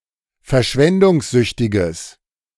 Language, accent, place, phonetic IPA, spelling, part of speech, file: German, Germany, Berlin, [fɛɐ̯ˈʃvɛndʊŋsˌzʏçtɪɡəs], verschwendungssüchtiges, adjective, De-verschwendungssüchtiges.ogg
- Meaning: strong/mixed nominative/accusative neuter singular of verschwendungssüchtig